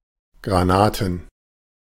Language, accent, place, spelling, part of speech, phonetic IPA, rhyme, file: German, Germany, Berlin, Granaten, noun, [ˌɡʁaˈnaːtn̩], -aːtn̩, De-Granaten.ogg
- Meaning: plural of Granate